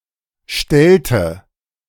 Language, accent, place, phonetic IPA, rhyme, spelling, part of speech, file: German, Germany, Berlin, [ˈʃtɛltə], -ɛltə, stellte, verb, De-stellte.ogg
- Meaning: inflection of stellen: 1. first/third-person singular preterite 2. first/third-person singular subjunctive II